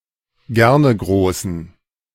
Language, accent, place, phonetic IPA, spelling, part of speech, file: German, Germany, Berlin, [ˈɡɛʁnəˌɡʁoːsn̩], Gernegroßen, noun, De-Gernegroßen.ogg
- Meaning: dative plural of Gernegroß